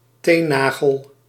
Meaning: a toe nail
- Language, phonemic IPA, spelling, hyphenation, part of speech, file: Dutch, /ˈteː(n)ˌnaː.ɣəl/, teennagel, teen‧na‧gel, noun, Nl-teennagel.ogg